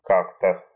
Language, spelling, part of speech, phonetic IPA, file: Russian, как-то, adverb, [ˈkak‿tə], Ru-как-то.ogg
- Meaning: 1. somehow, one way or another 2. to some extent, somewhat, rather 3. once in the past, at some point 4. how, in what way, in what manner